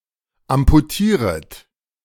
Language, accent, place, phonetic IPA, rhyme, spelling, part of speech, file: German, Germany, Berlin, [ampuˈtiːʁət], -iːʁət, amputieret, verb, De-amputieret.ogg
- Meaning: second-person plural subjunctive I of amputieren